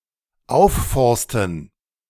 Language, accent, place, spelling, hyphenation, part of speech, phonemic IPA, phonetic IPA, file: German, Germany, Berlin, aufforsten, auf‧fors‧ten, verb, /ˈaʊ̯fˌfɔʁstən/, [ˈaʊ̯fˌfɔʁstn̩], De-aufforsten.ogg
- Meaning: to forest, to afforest, to wood (to cover with trees)